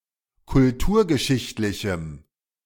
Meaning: strong dative masculine/neuter singular of kulturgeschichtlich
- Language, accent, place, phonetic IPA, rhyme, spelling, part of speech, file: German, Germany, Berlin, [kʊlˈtuːɐ̯ɡəˌʃɪçtlɪçm̩], -uːɐ̯ɡəʃɪçtlɪçm̩, kulturgeschichtlichem, adjective, De-kulturgeschichtlichem.ogg